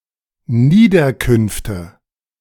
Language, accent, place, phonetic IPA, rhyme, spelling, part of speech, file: German, Germany, Berlin, [ˈniːdɐˌkʏnftə], -iːdɐkʏnftə, Niederkünfte, noun, De-Niederkünfte.ogg
- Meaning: nominative/accusative/genitive plural of Niederkunft